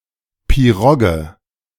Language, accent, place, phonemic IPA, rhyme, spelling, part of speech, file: German, Germany, Berlin, /piˈʁɔɡə/, -ɔɡə, Pirogge, noun, De-Pirogge.ogg